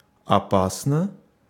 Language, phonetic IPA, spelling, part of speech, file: Russian, [ɐˈpasnə], опасно, adverb / adjective, Ru-опасно.ogg
- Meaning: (adverb) dangerously, perilously; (adjective) short neuter singular of опа́сный (opásnyj)